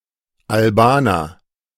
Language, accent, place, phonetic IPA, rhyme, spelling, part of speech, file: German, Germany, Berlin, [alˈbaːnɐ], -aːnɐ, Albaner, noun, De-Albaner.ogg
- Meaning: Albanian (person from Albania)